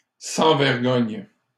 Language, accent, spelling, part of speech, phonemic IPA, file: French, Canada, sans vergogne, prepositional phrase, /sɑ̃ vɛʁ.ɡɔɲ/, LL-Q150 (fra)-sans vergogne.wav
- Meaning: shameless, unblushing, ruthless; shamelessly, unblushingly, ruthlessly